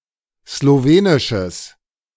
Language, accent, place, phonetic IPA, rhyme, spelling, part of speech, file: German, Germany, Berlin, [sloˈveːnɪʃəs], -eːnɪʃəs, slowenisches, adjective, De-slowenisches.ogg
- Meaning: strong/mixed nominative/accusative neuter singular of slowenisch